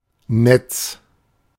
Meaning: 1. net; web; mesh (construction of interwoven fibres, e.g. that of a fisher, a spider, etc.) 2. network; grid (a system, often interconnected, that covers a certain area)
- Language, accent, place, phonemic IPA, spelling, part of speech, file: German, Germany, Berlin, /nɛt͡s/, Netz, noun, De-Netz.ogg